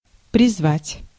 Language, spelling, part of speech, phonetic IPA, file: Russian, призвать, verb, [prʲɪzˈvatʲ], Ru-призвать.ogg
- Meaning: 1. to call, to appeal, to summon 2. to call upon (to), to urge (to) 3. to draft, to call out, to call up